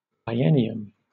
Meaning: A period of two years, particularly for purposes involving intercalation or fiscal calculations
- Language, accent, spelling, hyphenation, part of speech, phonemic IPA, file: English, Southern England, biennium, bi‧enn‧i‧um, noun, /bʌɪˈɛn.ɪ.əm/, LL-Q1860 (eng)-biennium.wav